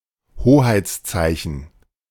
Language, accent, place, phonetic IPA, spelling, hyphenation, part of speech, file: German, Germany, Berlin, [ˈhoːhaɪ̯t͡sˌt͡saɪ̯çn̩], Hoheitszeichen, Ho‧heits‧zei‧chen, noun, De-Hoheitszeichen.ogg
- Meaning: 1. national emblem 2. insignia